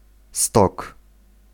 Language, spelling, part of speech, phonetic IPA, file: Polish, stok, noun, [stɔk], Pl-stok.ogg